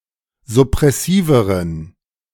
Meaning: inflection of suppressiv: 1. strong genitive masculine/neuter singular comparative degree 2. weak/mixed genitive/dative all-gender singular comparative degree
- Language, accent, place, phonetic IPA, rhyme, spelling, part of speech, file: German, Germany, Berlin, [zʊpʁɛˈsiːvəʁən], -iːvəʁən, suppressiveren, adjective, De-suppressiveren.ogg